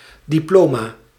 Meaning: 1. diploma 2. deed, official document entitling one to something
- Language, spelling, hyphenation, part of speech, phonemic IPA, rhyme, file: Dutch, diploma, di‧plo‧ma, noun, /ˌdiˈploː.maː/, -oːmaː, Nl-diploma.ogg